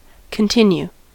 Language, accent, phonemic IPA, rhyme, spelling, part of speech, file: English, US, /kənˈtɪn.ju/, -uː, continue, verb / noun, En-us-continue.ogg
- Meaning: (verb) 1. To proceed with (doing an activity); to prolong (an activity) 2. To make last; to prolong 3. To retain (someone or something) in a given state, position, etc